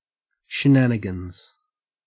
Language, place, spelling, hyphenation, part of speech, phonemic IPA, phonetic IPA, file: English, Queensland, shenanigans, she‧na‧ni‧gans, noun / verb, /ʃɪˈnæn.ɪ.ɡənz/, [ʃɪˈnæn.ɪ.ɡn̩z], En-au-shenanigans.ogg
- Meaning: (noun) 1. Mischievous play, especially by children 2. Deceitful tricks; trickery; games 3. Strange, unusual, weird, or wacky occurrences 4. plural of shenanigan